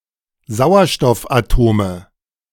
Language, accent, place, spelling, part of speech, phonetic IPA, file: German, Germany, Berlin, Sauerstoffatome, noun, [ˈzaʊ̯ɐʃtɔfʔaˌtoːmə], De-Sauerstoffatome.ogg
- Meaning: nominative/accusative/genitive plural of Sauerstoffatom